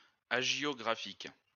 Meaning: hagiographic
- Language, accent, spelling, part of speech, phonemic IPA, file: French, France, hagiographique, adjective, /a.ʒjɔ.ɡʁa.fik/, LL-Q150 (fra)-hagiographique.wav